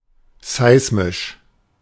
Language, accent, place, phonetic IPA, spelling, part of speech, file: German, Germany, Berlin, [ˈzaɪ̯smɪʃ], seismisch, adjective, De-seismisch.ogg
- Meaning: seismic